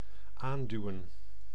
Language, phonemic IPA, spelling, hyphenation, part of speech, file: Dutch, /ˈaːnˌdyu̯ə(n)/, aanduwen, aan‧du‧wen, verb, Nl-aanduwen.ogg
- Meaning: 1. to push against (an object), usually to make it fit 2. to push (a motorised vehicle) to get the engine started 3. to push (a vehicle) forward